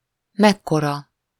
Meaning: 1. how large? what size? 2. how big? how old? 3. what a big/huge ……! 4. how cool, how awesome
- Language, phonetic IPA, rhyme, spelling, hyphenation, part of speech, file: Hungarian, [ˈmɛkːorɒ], -rɒ, mekkora, mek‧ko‧ra, pronoun, Hu-mekkora.ogg